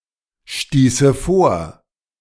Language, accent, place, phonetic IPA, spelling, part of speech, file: German, Germany, Berlin, [ˌʃtiːsə ˈfoːɐ̯], stieße vor, verb, De-stieße vor.ogg
- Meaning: first/third-person singular subjunctive II of vorstoßen